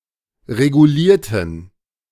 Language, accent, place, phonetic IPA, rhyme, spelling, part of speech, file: German, Germany, Berlin, [ʁeɡuˈliːɐ̯tn̩], -iːɐ̯tn̩, regulierten, adjective / verb, De-regulierten.ogg
- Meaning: inflection of regulieren: 1. first/third-person plural preterite 2. first/third-person plural subjunctive II